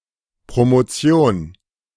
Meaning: 1. granting of a doctorate, Ph.D 2. granting of a doctorate, Ph.D.: celebration at which a doctorate is granted 3. promotion: the act of moving up (to the next school grade, to a higher job position)
- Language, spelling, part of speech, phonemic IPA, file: German, Promotion, noun, /pʁomoˈtsi̯oːn/, De-Promotion.ogg